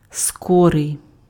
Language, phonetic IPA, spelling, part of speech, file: Ukrainian, [ˈskɔrei̯], скорий, adjective, Uk-скорий.ogg
- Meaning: quick